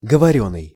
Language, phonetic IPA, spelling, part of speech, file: Russian, [ɡəvɐˈrʲɵnːɨj], говорённый, verb, Ru-говорённый.ogg
- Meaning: past passive imperfective participle of говори́ть (govorítʹ)